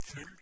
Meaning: 1. full (containing the maximum possible amount) 2. drunk
- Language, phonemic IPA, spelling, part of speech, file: Norwegian Bokmål, /fʉl/, full, adjective, No-full.ogg